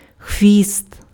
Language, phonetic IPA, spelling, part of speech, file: Ukrainian, [xʋʲist], хвіст, noun, Uk-хвіст.ogg
- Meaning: tail